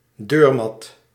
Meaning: doormat (mat placed near a door)
- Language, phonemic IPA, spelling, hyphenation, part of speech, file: Dutch, /ˈdøːr.mɑt/, deurmat, deur‧mat, noun, Nl-deurmat.ogg